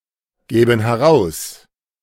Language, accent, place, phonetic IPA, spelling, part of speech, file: German, Germany, Berlin, [ˌɡɛːbn̩ hɛˈʁaʊ̯s], gäben heraus, verb, De-gäben heraus.ogg
- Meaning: first-person plural subjunctive II of herausgeben